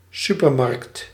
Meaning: supermarket
- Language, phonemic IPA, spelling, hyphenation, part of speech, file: Dutch, /ˈsy.pərˌmɑrkt/, supermarkt, su‧per‧markt, noun, Nl-supermarkt.ogg